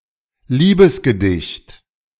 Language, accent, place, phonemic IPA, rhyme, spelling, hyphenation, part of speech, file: German, Germany, Berlin, /ˈliːbəsɡəˌdɪçt/, -ɪçt, Liebesgedicht, Lie‧bes‧ge‧dicht, noun, De-Liebesgedicht.ogg
- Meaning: love poem